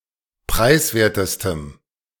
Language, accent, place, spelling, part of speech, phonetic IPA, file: German, Germany, Berlin, preiswertestem, adjective, [ˈpʁaɪ̯sˌveːɐ̯təstəm], De-preiswertestem.ogg
- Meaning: strong dative masculine/neuter singular superlative degree of preiswert